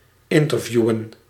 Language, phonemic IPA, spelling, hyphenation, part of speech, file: Dutch, /ˈɪntərˌvju.ʋə(n)/, interviewen, in‧ter‧vie‧wen, verb, Nl-interviewen.ogg
- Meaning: to interview